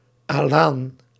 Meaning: Alan (member of a Sarmatian tribe)
- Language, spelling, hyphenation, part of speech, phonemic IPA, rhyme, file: Dutch, Alaan, Alaan, noun, /aːˈlaːn/, -aːn, Nl-Alaan.ogg